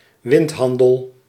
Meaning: speculative trade
- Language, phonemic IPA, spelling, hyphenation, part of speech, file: Dutch, /ˈʋɪntˌɦɑn.dəl/, windhandel, wind‧han‧del, noun, Nl-windhandel.ogg